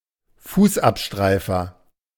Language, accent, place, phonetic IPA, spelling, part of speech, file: German, Germany, Berlin, [ˈfuːsʔapˌʃtʁaɪ̯fɐ], Fußabstreifer, noun, De-Fußabstreifer.ogg
- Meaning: doormat